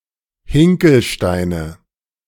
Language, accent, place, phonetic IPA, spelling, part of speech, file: German, Germany, Berlin, [ˈhɪŋkl̩ˌʃtaɪ̯nə], Hinkelsteine, noun, De-Hinkelsteine.ogg
- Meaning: nominative/accusative/genitive plural of Hinkelstein